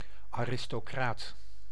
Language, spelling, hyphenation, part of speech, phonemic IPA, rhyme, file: Dutch, aristocraat, aris‧to‧craat, noun, /aː.rɪs.toːˈkraːt/, -aːt, Nl-aristocraat.ogg
- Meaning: 1. aristocrat (member of the aristocracy) 2. person of high standing, reputation etc